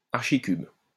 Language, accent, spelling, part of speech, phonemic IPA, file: French, France, archicube, noun, /aʁ.ʃi.kyb/, LL-Q150 (fra)-archicube.wav
- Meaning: 1. Graduate, former student at the École normale supérieure in Paris 2. a student who repeats the third grade